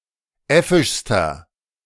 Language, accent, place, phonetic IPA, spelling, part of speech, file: German, Germany, Berlin, [ˈɛfɪʃstɐ], äffischster, adjective, De-äffischster.ogg
- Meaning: inflection of äffisch: 1. strong/mixed nominative masculine singular superlative degree 2. strong genitive/dative feminine singular superlative degree 3. strong genitive plural superlative degree